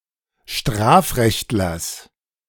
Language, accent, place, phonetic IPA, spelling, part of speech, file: German, Germany, Berlin, [ˈʃtʁaːfˌʁɛçtlɐs], Strafrechtlers, noun, De-Strafrechtlers.ogg
- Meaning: genitive singular of Strafrechtler